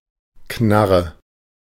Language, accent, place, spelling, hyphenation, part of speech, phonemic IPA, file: German, Germany, Berlin, Knarre, Knar‧re, noun, /ˈknaʁə/, De-Knarre.ogg
- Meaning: 1. ratchet, gragger, noisemaker 2. a gun, especially a pistol 3. socket wrench